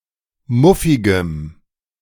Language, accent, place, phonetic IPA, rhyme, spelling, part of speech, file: German, Germany, Berlin, [ˈmʊfɪɡəm], -ʊfɪɡəm, muffigem, adjective, De-muffigem.ogg
- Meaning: strong dative masculine/neuter singular of muffig